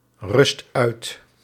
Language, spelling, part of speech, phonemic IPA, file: Dutch, rust uit, verb, /ˈrʏst ˈœyt/, Nl-rust uit.ogg
- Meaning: inflection of uitrusten: 1. first/second/third-person singular present indicative 2. imperative